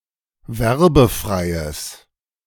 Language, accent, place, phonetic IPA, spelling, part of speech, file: German, Germany, Berlin, [ˈvɛʁbəˌfʁaɪ̯əs], werbefreies, adjective, De-werbefreies.ogg
- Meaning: strong/mixed nominative/accusative neuter singular of werbefrei